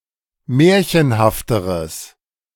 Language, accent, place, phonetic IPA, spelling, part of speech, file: German, Germany, Berlin, [ˈmɛːɐ̯çənhaftəʁəs], märchenhafteres, adjective, De-märchenhafteres.ogg
- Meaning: strong/mixed nominative/accusative neuter singular comparative degree of märchenhaft